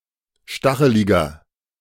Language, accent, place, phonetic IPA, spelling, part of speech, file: German, Germany, Berlin, [ˈʃtaxəlɪɡɐ], stacheliger, adjective, De-stacheliger.ogg
- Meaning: 1. comparative degree of stachelig 2. inflection of stachelig: strong/mixed nominative masculine singular 3. inflection of stachelig: strong genitive/dative feminine singular